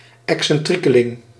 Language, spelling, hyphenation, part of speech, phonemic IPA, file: Dutch, excentriekeling, ex‧cen‧trie‧ke‧ling, noun, /ˌɛk.sɛnˈtri.kə.lɪŋ/, Nl-excentriekeling.ogg
- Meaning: an eccentric character